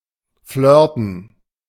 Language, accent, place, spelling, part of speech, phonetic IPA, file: German, Germany, Berlin, flirten, verb, [ˈflœʁtn̩], De-flirten.ogg
- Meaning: to flirt